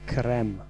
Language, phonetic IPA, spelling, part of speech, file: Polish, [krɛ̃m], krem, noun, Pl-krem.ogg